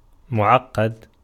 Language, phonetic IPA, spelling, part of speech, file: Arabic, [mʊ.ʕaɡ.ɡad], معقد, adjective, Ar-معقد.ogg
- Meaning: 1. tied in many knots 2. complicated, complex, intricate, hard to understand